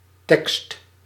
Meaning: 1. text 2. lyrics 3. a large size of type standardized as 16 point
- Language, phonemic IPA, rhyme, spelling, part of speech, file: Dutch, /tɛkst/, -ɛkst, tekst, noun, Nl-tekst.ogg